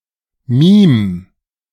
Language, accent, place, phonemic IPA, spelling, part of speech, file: German, Germany, Berlin, /miːm/, mim, verb, De-mim.ogg
- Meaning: 1. singular imperative of mimen 2. first-person singular present of mimen